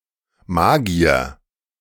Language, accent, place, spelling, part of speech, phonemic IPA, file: German, Germany, Berlin, Magier, noun, /ˈmaːɡi̯ɐ/, De-Magier.ogg
- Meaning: mage, magician